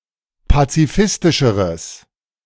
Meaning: strong/mixed nominative/accusative neuter singular comparative degree of pazifistisch
- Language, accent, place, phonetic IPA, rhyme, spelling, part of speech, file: German, Germany, Berlin, [pat͡siˈfɪstɪʃəʁəs], -ɪstɪʃəʁəs, pazifistischeres, adjective, De-pazifistischeres.ogg